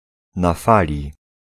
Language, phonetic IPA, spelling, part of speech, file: Polish, [na‿ˈfalʲi], na fali, adjectival phrase / adverbial phrase / prepositional phrase, Pl-na fali.ogg